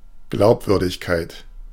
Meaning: credibility, believability
- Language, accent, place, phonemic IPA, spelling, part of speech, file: German, Germany, Berlin, /ˈɡlaʊ̯pˌvʏʁdɪçkaɪ̯t/, Glaubwürdigkeit, noun, De-Glaubwürdigkeit.ogg